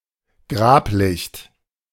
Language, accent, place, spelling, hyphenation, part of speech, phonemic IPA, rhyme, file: German, Germany, Berlin, Grablicht, Grab‧licht, noun, /ˈɡʁaːpˌlɪçt/, -ɪçt, De-Grablicht.ogg
- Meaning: grave candle